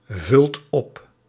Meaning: inflection of opvullen: 1. second/third-person singular present indicative 2. plural imperative
- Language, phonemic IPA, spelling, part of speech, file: Dutch, /ˈvʏlt ˈɔp/, vult op, verb, Nl-vult op.ogg